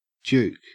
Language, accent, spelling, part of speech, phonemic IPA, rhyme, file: English, Australia, juke, noun / verb, /d͡ʒuːk/, -uːk, En-au-juke.ogg
- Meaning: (noun) 1. A roadside cafe or bar, especially one with dancing and sometimes prostitution 2. Clipping of jukebox